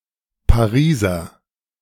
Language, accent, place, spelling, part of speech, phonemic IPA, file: German, Germany, Berlin, Pariser, proper noun / noun, /paˈʁiːzɐ/, De-Pariser2.ogg
- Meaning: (proper noun) Parisian; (noun) Frenchie, condom